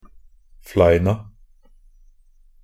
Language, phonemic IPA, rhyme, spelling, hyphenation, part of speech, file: Norwegian Bokmål, /ˈflæɪna/, -æɪna, fleina, flei‧na, noun, Nb-fleina.ogg
- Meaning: definite plural of flein (=a knot, scab or wound, especially on a cow, horse or sheep)